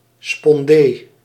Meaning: spondee
- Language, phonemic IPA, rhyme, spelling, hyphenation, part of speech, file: Dutch, /spɔnˈdeː/, -eː, spondee, spon‧dee, noun, Nl-spondee.ogg